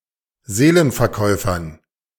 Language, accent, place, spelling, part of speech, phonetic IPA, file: German, Germany, Berlin, Seelenverkäufern, noun, [ˈzeːlənfɛɐ̯ˌkɔɪ̯fɐn], De-Seelenverkäufern.ogg
- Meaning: dative plural of Seelenverkäufer